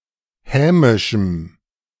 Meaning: strong dative masculine/neuter singular of hämisch
- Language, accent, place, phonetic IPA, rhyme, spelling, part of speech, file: German, Germany, Berlin, [ˈhɛːmɪʃm̩], -ɛːmɪʃm̩, hämischem, adjective, De-hämischem.ogg